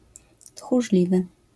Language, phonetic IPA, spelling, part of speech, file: Polish, [txuʒˈlʲivɨ], tchórzliwy, adjective, LL-Q809 (pol)-tchórzliwy.wav